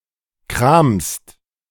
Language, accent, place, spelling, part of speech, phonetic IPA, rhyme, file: German, Germany, Berlin, kramst, verb, [kʁaːmst], -aːmst, De-kramst.ogg
- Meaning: second-person singular present of kramen